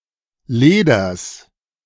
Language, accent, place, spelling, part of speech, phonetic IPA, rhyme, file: German, Germany, Berlin, Leders, noun, [ˈleːdɐs], -eːdɐs, De-Leders.ogg
- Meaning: genitive singular of Leder